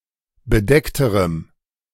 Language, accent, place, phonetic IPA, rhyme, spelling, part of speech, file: German, Germany, Berlin, [bəˈdɛktəʁəm], -ɛktəʁəm, bedeckterem, adjective, De-bedeckterem.ogg
- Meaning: strong dative masculine/neuter singular comparative degree of bedeckt